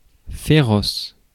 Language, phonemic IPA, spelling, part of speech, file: French, /fe.ʁɔs/, féroce, adjective, Fr-féroce.ogg
- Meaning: 1. ferocious 2. wild